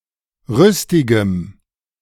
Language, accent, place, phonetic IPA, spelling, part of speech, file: German, Germany, Berlin, [ˈʁʏstɪɡəm], rüstigem, adjective, De-rüstigem.ogg
- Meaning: strong dative masculine/neuter singular of rüstig